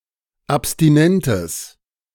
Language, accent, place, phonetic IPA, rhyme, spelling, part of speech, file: German, Germany, Berlin, [apstiˈnɛntəs], -ɛntəs, abstinentes, adjective, De-abstinentes.ogg
- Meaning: strong/mixed nominative/accusative neuter singular of abstinent